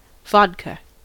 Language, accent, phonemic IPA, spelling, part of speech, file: English, US, /ˈvɑdkə/, vodka, noun, En-us-vodka.ogg
- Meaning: 1. A clear distilled alcoholic liquor made from grain mash 2. A serving of the above beverage